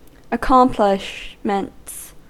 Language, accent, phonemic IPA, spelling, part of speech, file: English, US, /əˈkɑm.plɪʃ.mənts/, accomplishments, noun, En-us-accomplishments.ogg
- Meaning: plural of accomplishment